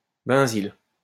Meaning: benzyl (radical)
- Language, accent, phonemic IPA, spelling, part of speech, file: French, France, /bɛ̃.zil/, benzyle, noun, LL-Q150 (fra)-benzyle.wav